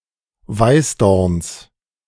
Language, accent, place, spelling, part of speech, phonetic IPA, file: German, Germany, Berlin, Weißdorns, noun, [ˈvaɪ̯sˌdɔʁns], De-Weißdorns.ogg
- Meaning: genitive of Weißdorn